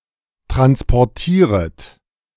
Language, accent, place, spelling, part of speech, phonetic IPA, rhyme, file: German, Germany, Berlin, transportieret, verb, [ˌtʁanspɔʁˈtiːʁət], -iːʁət, De-transportieret.ogg
- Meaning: second-person plural subjunctive I of transportieren